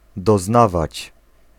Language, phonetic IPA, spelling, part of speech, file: Polish, [dɔˈznavat͡ɕ], doznawać, verb, Pl-doznawać.ogg